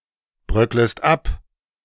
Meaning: second-person singular subjunctive I of abbröckeln
- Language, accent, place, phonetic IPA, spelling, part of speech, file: German, Germany, Berlin, [ˌbʁœkləst ˈap], bröcklest ab, verb, De-bröcklest ab.ogg